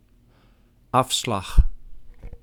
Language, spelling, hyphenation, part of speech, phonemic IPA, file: Dutch, afslag, af‧slag, noun, /ˈɑf.slɑx/, Nl-afslag.ogg
- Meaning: 1. exit turn (on a freeway) 2. Dutch auction (usually of fish) (reverse auction that starts at a high price that is gradually reduced until someone is willing to buy)